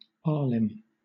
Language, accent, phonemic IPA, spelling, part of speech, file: English, Southern England, /ˈɑːlɪm/, alim, noun, LL-Q1860 (eng)-alim.wav
- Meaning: An educated scholar of Islamic law; a member of the ulema class